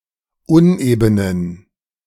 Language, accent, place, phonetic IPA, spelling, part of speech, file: German, Germany, Berlin, [ˈʊnʔeːbənən], unebenen, adjective, De-unebenen.ogg
- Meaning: inflection of uneben: 1. strong genitive masculine/neuter singular 2. weak/mixed genitive/dative all-gender singular 3. strong/weak/mixed accusative masculine singular 4. strong dative plural